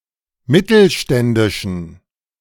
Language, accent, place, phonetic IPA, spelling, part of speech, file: German, Germany, Berlin, [ˈmɪtl̩ˌʃtɛndɪʃn̩], mittelständischen, adjective, De-mittelständischen.ogg
- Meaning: inflection of mittelständisch: 1. strong genitive masculine/neuter singular 2. weak/mixed genitive/dative all-gender singular 3. strong/weak/mixed accusative masculine singular 4. strong dative plural